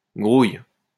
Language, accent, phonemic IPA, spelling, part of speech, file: French, France, /ɡʁuj/, grouille, verb, LL-Q150 (fra)-grouille.wav
- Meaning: inflection of grouiller: 1. first/third-person singular present indicative/subjunctive 2. second-person singular imperative